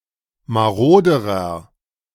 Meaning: inflection of marode: 1. strong/mixed nominative masculine singular comparative degree 2. strong genitive/dative feminine singular comparative degree 3. strong genitive plural comparative degree
- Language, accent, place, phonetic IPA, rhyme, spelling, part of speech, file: German, Germany, Berlin, [maˈʁoːdəʁɐ], -oːdəʁɐ, maroderer, adjective, De-maroderer.ogg